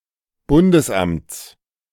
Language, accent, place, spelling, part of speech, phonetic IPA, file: German, Germany, Berlin, Bundesamts, noun, [ˈbʊndəsˌʔamt͡s], De-Bundesamts.ogg
- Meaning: genitive singular of Bundesamt